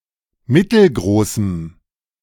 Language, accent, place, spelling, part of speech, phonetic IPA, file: German, Germany, Berlin, mittelgroßem, adjective, [ˈmɪtl̩ˌɡʁoːsm̩], De-mittelgroßem.ogg
- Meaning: strong dative masculine/neuter singular of mittelgroß